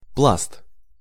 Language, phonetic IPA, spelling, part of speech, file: Russian, [pɫast], пласт, noun, Ru-пласт.ogg
- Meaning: 1. layer, sheet, stratum 2. bed (a deposit of ore, coal etc.)